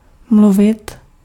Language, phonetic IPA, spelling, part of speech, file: Czech, [ˈmluvɪt], mluvit, verb, Cs-mluvit.ogg
- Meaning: 1. to speak 2. to butt in